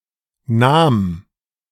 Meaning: first/third-person singular preterite of nehmen
- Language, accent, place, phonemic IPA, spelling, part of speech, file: German, Germany, Berlin, /naːm/, nahm, verb, De-nahm.ogg